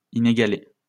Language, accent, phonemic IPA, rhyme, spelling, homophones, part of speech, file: French, France, /i.ne.ɡa.le/, -e, inégalé, inégalée / inégalées / inégalés, adjective, LL-Q150 (fra)-inégalé.wav
- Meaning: unequalled; unrivaled